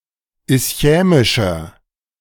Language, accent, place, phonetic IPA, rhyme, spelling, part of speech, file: German, Germany, Berlin, [ɪsˈçɛːmɪʃɐ], -ɛːmɪʃɐ, ischämischer, adjective, De-ischämischer.ogg
- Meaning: inflection of ischämisch: 1. strong/mixed nominative masculine singular 2. strong genitive/dative feminine singular 3. strong genitive plural